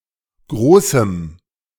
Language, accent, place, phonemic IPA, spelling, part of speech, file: German, Germany, Berlin, /ˈɡʁoːsm̩/, großem, adjective, De-großem.ogg
- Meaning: strong dative masculine/neuter singular of groß